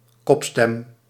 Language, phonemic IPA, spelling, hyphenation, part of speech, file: Dutch, /ˈkɔp.stɛm/, kopstem, kop‧stem, noun, Nl-kopstem.ogg
- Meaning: 1. falsetto register, head voice 2. a voice in falsetto register